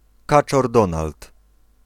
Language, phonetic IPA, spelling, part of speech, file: Polish, [ˈkat͡ʃɔr ˈdɔ̃nalt], Kaczor Donald, proper noun, Pl-Kaczor Donald.ogg